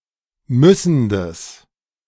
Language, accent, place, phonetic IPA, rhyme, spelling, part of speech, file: German, Germany, Berlin, [ˈmʏsn̩dəs], -ʏsn̩dəs, müssendes, adjective, De-müssendes.ogg
- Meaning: strong/mixed nominative/accusative neuter singular of müssend